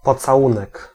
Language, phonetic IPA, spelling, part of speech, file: Polish, [ˌpɔt͡saˈwũnɛk], pocałunek, noun, Pl-pocałunek.ogg